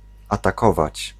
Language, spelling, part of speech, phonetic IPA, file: Polish, atakować, verb, [ˌataˈkɔvat͡ɕ], Pl-atakować.ogg